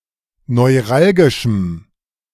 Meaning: strong dative masculine/neuter singular of neuralgisch
- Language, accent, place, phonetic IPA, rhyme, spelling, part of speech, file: German, Germany, Berlin, [nɔɪ̯ˈʁalɡɪʃm̩], -alɡɪʃm̩, neuralgischem, adjective, De-neuralgischem.ogg